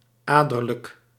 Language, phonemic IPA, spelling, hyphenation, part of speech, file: Dutch, /ˈaː.dər.lək/, aderlijk, ader‧lijk, adjective, Nl-aderlijk.ogg
- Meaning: venous, pertaining to the veins